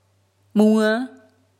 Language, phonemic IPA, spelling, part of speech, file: Mon, /mạ̀w/, ၁, numeral, Mnw-၁.oga
- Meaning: 1 (one)